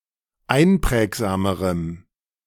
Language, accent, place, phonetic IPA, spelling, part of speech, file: German, Germany, Berlin, [ˈaɪ̯nˌpʁɛːkzaːməʁəm], einprägsamerem, adjective, De-einprägsamerem.ogg
- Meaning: strong dative masculine/neuter singular comparative degree of einprägsam